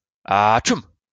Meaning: achoo
- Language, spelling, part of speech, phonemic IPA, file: French, atchoum, interjection, /at.ʃum/, LL-Q150 (fra)-atchoum.wav